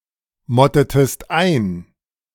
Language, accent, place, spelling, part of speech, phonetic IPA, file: German, Germany, Berlin, mottetest ein, verb, [ˌmɔtətəst ˈaɪ̯n], De-mottetest ein.ogg
- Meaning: inflection of einmotten: 1. second-person singular preterite 2. second-person singular subjunctive II